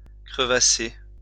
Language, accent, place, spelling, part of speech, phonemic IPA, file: French, France, Lyon, crevasser, verb, /kʁə.va.se/, LL-Q150 (fra)-crevasser.wav
- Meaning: to chap